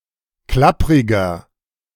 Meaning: 1. comparative degree of klapprig 2. inflection of klapprig: strong/mixed nominative masculine singular 3. inflection of klapprig: strong genitive/dative feminine singular
- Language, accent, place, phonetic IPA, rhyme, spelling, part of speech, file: German, Germany, Berlin, [ˈklapʁɪɡɐ], -apʁɪɡɐ, klappriger, adjective, De-klappriger.ogg